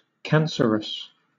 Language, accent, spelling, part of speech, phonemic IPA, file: English, Southern England, cancerous, adjective, /ˈkænsəɹəs/, LL-Q1860 (eng)-cancerous.wav
- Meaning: 1. Relating to or affected with cancer 2. Growing or spreading rapidly to the point of harm 3. Extremely unpleasant; detestable